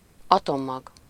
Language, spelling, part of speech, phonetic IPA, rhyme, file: Hungarian, atommag, noun, [ˈɒtomːɒɡ], -ɒɡ, Hu-atommag.ogg
- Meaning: nucleus, atomic nucleus (massive, positively charged central part of an atom)